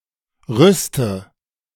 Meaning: inflection of rüsten: 1. first-person singular present 2. first/third-person singular subjunctive I 3. singular imperative
- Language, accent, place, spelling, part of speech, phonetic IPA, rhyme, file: German, Germany, Berlin, rüste, verb, [ˈʁʏstə], -ʏstə, De-rüste.ogg